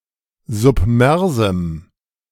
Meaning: strong dative masculine/neuter singular of submers
- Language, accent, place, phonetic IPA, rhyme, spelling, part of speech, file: German, Germany, Berlin, [zʊpˈmɛʁzm̩], -ɛʁzm̩, submersem, adjective, De-submersem.ogg